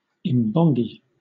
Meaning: A praise singer, a traditional bard in Zulu culture
- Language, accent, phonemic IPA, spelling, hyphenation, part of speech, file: English, Southern England, /ɪmˈbɒŋɡi/, imbongi, im‧bon‧gi, noun, LL-Q1860 (eng)-imbongi.wav